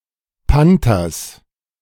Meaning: genitive singular of Panter
- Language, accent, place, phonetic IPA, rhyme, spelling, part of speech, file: German, Germany, Berlin, [ˈpantɐs], -antɐs, Panters, noun, De-Panters.ogg